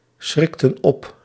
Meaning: inflection of opschrikken: 1. plural past indicative 2. plural past subjunctive
- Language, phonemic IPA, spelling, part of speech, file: Dutch, /ˈsxrɪktə(n) ˈɔp/, schrikten op, verb, Nl-schrikten op.ogg